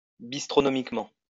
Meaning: bistronomically
- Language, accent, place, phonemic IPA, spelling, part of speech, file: French, France, Lyon, /bis.tʁɔ.nɔ.mik.mɑ̃/, bistronomiquement, adverb, LL-Q150 (fra)-bistronomiquement.wav